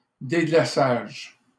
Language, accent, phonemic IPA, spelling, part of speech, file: French, Canada, /de.ɡla.saʒ/, déglaçage, noun, LL-Q150 (fra)-déglaçage.wav
- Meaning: deglazing